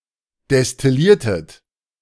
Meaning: inflection of destillieren: 1. second-person plural preterite 2. second-person plural subjunctive II
- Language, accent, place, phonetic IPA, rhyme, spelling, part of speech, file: German, Germany, Berlin, [dɛstɪˈliːɐ̯tət], -iːɐ̯tət, destilliertet, verb, De-destilliertet.ogg